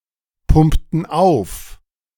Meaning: inflection of aufpumpen: 1. first/third-person plural preterite 2. first/third-person plural subjunctive II
- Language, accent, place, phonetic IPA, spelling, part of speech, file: German, Germany, Berlin, [ˌpʊmptn̩ ˈaʊ̯f], pumpten auf, verb, De-pumpten auf.ogg